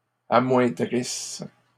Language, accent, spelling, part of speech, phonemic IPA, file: French, Canada, amoindrisses, verb, /a.mwɛ̃.dʁis/, LL-Q150 (fra)-amoindrisses.wav
- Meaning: second-person singular present/imperfect subjunctive of amoindrir